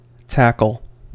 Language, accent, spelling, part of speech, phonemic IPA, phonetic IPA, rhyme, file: English, US, tackle, noun / verb, /ˈtækəl/, [ˈtʰækɫ̩], -ækəl, En-us-tackle.ogg
- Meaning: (noun) 1. A device for grasping an object and an attached means of moving it, as a rope and hook 2. A block and tackle 3. Clothing 4. Equipment (rod, reel, line, lure, etc.) used when angling